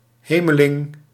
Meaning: a celestial being
- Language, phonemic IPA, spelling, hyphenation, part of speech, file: Dutch, /ˈɦeː.məˌlɪŋ/, hemeling, he‧me‧ling, noun, Nl-hemeling.ogg